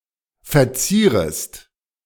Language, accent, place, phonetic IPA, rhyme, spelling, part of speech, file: German, Germany, Berlin, [fɛɐ̯ˈt͡siːʁəst], -iːʁəst, verzierest, verb, De-verzierest.ogg
- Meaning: second-person singular subjunctive I of verzieren